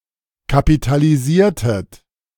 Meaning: inflection of kapitalisieren: 1. second-person plural preterite 2. second-person plural subjunctive II
- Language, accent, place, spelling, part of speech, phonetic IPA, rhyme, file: German, Germany, Berlin, kapitalisiertet, verb, [kapitaliˈziːɐ̯tət], -iːɐ̯tət, De-kapitalisiertet.ogg